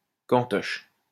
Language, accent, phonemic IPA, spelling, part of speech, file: French, France, /kɑ̃.tɔʃ/, cantoche, noun, LL-Q150 (fra)-cantoche.wav
- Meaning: canteen